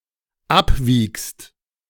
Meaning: second-person singular dependent present of abwiegen
- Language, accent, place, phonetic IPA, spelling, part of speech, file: German, Germany, Berlin, [ˈapˌviːkst], abwiegst, verb, De-abwiegst.ogg